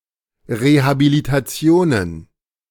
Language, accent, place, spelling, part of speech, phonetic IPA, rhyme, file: German, Germany, Berlin, Rehabilitationen, noun, [ˌʁehabilitaˈt͡si̯oːnən], -oːnən, De-Rehabilitationen.ogg
- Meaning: plural of Rehabilitation